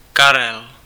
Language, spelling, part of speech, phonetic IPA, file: Czech, Karel, proper noun, [ˈkarɛl], Cs-Karel.ogg
- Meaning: 1. a male given name, equivalent to English Charles 2. a male surname